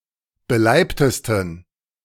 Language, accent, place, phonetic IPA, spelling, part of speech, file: German, Germany, Berlin, [bəˈlaɪ̯ptəstn̩], beleibtesten, adjective, De-beleibtesten.ogg
- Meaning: 1. superlative degree of beleibt 2. inflection of beleibt: strong genitive masculine/neuter singular superlative degree